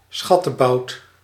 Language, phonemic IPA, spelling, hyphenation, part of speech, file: Dutch, /ˈsxɑ.təˌbɑu̯t/, schattebout, schat‧te‧bout, noun, Nl-schattebout.ogg
- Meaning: A term of endearment: darling, precious, sweetie